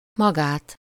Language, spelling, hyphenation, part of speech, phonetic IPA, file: Hungarian, magát, ma‧gát, pronoun, [ˈmɒɡaːt], Hu-magát.ogg
- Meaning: 1. accusative singular of maga (“oneself”): oneself (as the direct object of a verb) 2. accusative singular of maga (“you”, formal, singular): you (as the direct object of a verb)